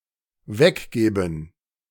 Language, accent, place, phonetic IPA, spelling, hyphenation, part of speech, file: German, Germany, Berlin, [ˈvɛkˌɡeːbn̩], weggeben, weg‧ge‧ben, verb, De-weggeben.ogg
- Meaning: 1. to give away 2. to take away